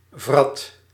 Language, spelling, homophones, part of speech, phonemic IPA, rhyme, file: Dutch, vrat, wrat, verb, /vrɑt/, -ɑt, Nl-vrat.ogg
- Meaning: singular past indicative of vreten